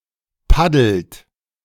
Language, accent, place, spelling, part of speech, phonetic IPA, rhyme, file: German, Germany, Berlin, paddelt, verb, [ˈpadl̩t], -adl̩t, De-paddelt.ogg
- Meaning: inflection of paddeln: 1. third-person singular present 2. second-person plural present 3. plural imperative